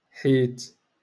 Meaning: because
- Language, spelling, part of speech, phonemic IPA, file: Moroccan Arabic, حيت, conjunction, /ħiːt/, LL-Q56426 (ary)-حيت.wav